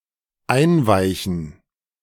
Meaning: to soak
- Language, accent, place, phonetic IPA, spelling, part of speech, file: German, Germany, Berlin, [ˈaɪ̯nˌvaɪ̯çn̩], einweichen, verb, De-einweichen.ogg